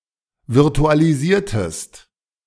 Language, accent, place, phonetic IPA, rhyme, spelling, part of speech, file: German, Germany, Berlin, [vɪʁtualiˈziːɐ̯təst], -iːɐ̯təst, virtualisiertest, verb, De-virtualisiertest.ogg
- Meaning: inflection of virtualisieren: 1. second-person singular preterite 2. second-person singular subjunctive II